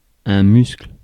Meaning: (noun) muscle (contractile tissue, strength); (verb) inflection of muscler: 1. first/third-person singular present indicative/subjunctive 2. second-person singular imperative
- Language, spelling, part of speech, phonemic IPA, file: French, muscle, noun / verb, /myskl/, Fr-muscle.ogg